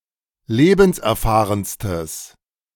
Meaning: strong/mixed nominative/accusative neuter singular superlative degree of lebenserfahren
- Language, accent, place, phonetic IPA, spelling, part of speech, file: German, Germany, Berlin, [ˈleːbn̩sʔɛɐ̯ˌfaːʁənstəs], lebenserfahrenstes, adjective, De-lebenserfahrenstes.ogg